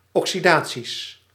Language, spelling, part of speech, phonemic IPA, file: Dutch, oxidaties, noun, /ˌɔksiˈda(t)sis/, Nl-oxidaties.ogg
- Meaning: plural of oxidatie